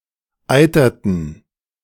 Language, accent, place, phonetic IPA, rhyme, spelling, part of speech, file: German, Germany, Berlin, [ˈaɪ̯tɐtn̩], -aɪ̯tɐtn̩, eiterten, verb, De-eiterten.ogg
- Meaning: inflection of eitern: 1. first/third-person plural preterite 2. first/third-person plural subjunctive II